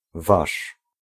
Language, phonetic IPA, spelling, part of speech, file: Polish, [vaʃ], wasz, pronoun, Pl-wasz.ogg